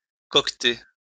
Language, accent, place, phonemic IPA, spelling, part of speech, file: French, France, Lyon, /kɔk.te/, coqueter, verb, LL-Q150 (fra)-coqueter.wav
- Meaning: to flirt; to coquet